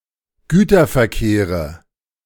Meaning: nominative/accusative/genitive plural of Güterverkehr
- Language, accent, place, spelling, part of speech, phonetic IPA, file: German, Germany, Berlin, Güterverkehre, noun, [ˈɡyːtɐfɛɐ̯ˌkeːʁə], De-Güterverkehre.ogg